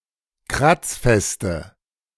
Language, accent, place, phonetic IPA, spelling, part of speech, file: German, Germany, Berlin, [ˈkʁat͡sˌfɛstə], kratzfeste, adjective, De-kratzfeste.ogg
- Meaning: inflection of kratzfest: 1. strong/mixed nominative/accusative feminine singular 2. strong nominative/accusative plural 3. weak nominative all-gender singular